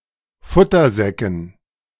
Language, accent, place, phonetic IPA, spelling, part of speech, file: German, Germany, Berlin, [ˈfʊtɐˌzɛkn̩], Futtersäcken, noun, De-Futtersäcken.ogg
- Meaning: dative plural of Futtersack